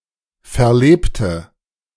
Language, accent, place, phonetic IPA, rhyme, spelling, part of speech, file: German, Germany, Berlin, [fɛɐ̯ˈleːptə], -eːptə, verlebte, adjective / verb, De-verlebte.ogg
- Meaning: inflection of verleben: 1. first/third-person singular preterite 2. first/third-person singular subjunctive II